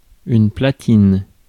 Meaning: 1. platinum (metal) 2. platter 3. turntable 4. connector board 5. plate 6. platen (printing plate) 7. stage (of a microscope)
- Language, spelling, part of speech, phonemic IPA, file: French, platine, noun, /pla.tin/, Fr-platine.ogg